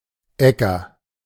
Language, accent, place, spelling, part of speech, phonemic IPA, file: German, Germany, Berlin, Ecker, noun, /ˈɛkɐ/, De-Ecker.ogg
- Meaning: 1. beechnut 2. acorn 3. acorns as a suit in German playing cards